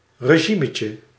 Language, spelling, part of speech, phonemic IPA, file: Dutch, regimetje, noun, /rəˈʒiməcə/, Nl-regimetje.ogg
- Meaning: diminutive of regime